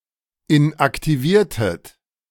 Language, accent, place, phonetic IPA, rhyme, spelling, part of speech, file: German, Germany, Berlin, [ɪnʔaktiˈviːɐ̯tət], -iːɐ̯tət, inaktiviertet, verb, De-inaktiviertet.ogg
- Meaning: inflection of inaktivieren: 1. second-person plural preterite 2. second-person plural subjunctive II